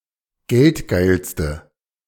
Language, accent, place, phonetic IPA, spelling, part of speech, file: German, Germany, Berlin, [ˈɡɛltˌɡaɪ̯lstə], geldgeilste, adjective, De-geldgeilste.ogg
- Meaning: inflection of geldgeil: 1. strong/mixed nominative/accusative feminine singular superlative degree 2. strong nominative/accusative plural superlative degree